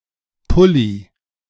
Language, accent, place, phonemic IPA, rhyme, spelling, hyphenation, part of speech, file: German, Germany, Berlin, /ˈpʊli/, -ʊli, Pulli, Pul‧li, noun, De-Pulli.ogg
- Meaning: alternative form of Pullover